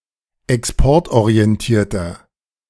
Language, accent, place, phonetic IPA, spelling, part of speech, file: German, Germany, Berlin, [ɛksˈpɔʁtʔoʁiɛnˌtiːɐ̯tɐ], exportorientierter, adjective, De-exportorientierter.ogg
- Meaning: inflection of exportorientiert: 1. strong/mixed nominative masculine singular 2. strong genitive/dative feminine singular 3. strong genitive plural